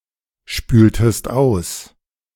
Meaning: inflection of ausspülen: 1. second-person singular preterite 2. second-person singular subjunctive II
- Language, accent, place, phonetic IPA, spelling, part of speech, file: German, Germany, Berlin, [ˌʃpyːltəst ˈaʊ̯s], spültest aus, verb, De-spültest aus.ogg